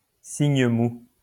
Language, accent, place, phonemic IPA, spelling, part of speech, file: French, France, Lyon, /siɲ mu/, signe mou, noun, LL-Q150 (fra)-signe mou.wav
- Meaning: soft sign